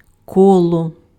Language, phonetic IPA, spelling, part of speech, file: Ukrainian, [ˈkɔɫɔ], коло, noun / preposition, Uk-коло.ogg
- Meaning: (noun) 1. circle 2. circle-shaped object 3. circuit 4. wheel (in a mill or other machine) 5. round dance; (preposition) 1. around (surrounding) 2. around (near) 3. around, about, approximately